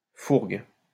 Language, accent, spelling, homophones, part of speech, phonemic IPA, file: French, France, fourgue, fourguent / fourgues, verb / noun, /fuʁɡ/, LL-Q150 (fra)-fourgue.wav
- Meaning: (verb) inflection of fourguer: 1. first/third-person singular present indicative/subjunctive 2. second-person singular imperative; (noun) fence, receiver